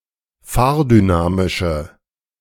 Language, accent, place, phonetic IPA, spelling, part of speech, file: German, Germany, Berlin, [ˈfaːɐ̯dyˌnaːmɪʃə], fahrdynamische, adjective, De-fahrdynamische.ogg
- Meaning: inflection of fahrdynamisch: 1. strong/mixed nominative/accusative feminine singular 2. strong nominative/accusative plural 3. weak nominative all-gender singular